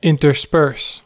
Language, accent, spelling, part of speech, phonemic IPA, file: English, US, intersperse, verb, /ˌɪntɚˈspɝs/, En-us-intersperse.ogg
- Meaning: 1. To mix two things irregularly, placing things of one kind among things of other 2. To scatter or insert something into or among other things